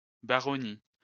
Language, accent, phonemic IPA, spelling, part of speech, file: French, France, /ba.ʁɔ.ni/, baronnie, noun, LL-Q150 (fra)-baronnie.wav
- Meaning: barony